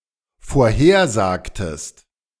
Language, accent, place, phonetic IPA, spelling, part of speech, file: German, Germany, Berlin, [foːɐ̯ˈheːɐ̯ˌzaːktəst], vorhersagtest, verb, De-vorhersagtest.ogg
- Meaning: inflection of vorhersagen: 1. second-person singular dependent preterite 2. second-person singular dependent subjunctive II